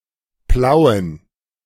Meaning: Plauen (a town, the administrative seat of Vogtlandkreis district, Saxony, Germany)
- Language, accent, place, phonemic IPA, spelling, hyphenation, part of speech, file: German, Germany, Berlin, /ˈplaʊ̯ən/, Plauen, Plau‧en, proper noun, De-Plauen.ogg